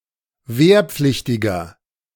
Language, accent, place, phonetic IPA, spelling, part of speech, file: German, Germany, Berlin, [ˈveːɐ̯ˌp͡flɪçtɪɡɐ], wehrpflichtiger, adjective, De-wehrpflichtiger.ogg
- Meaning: inflection of wehrpflichtig: 1. strong/mixed nominative masculine singular 2. strong genitive/dative feminine singular 3. strong genitive plural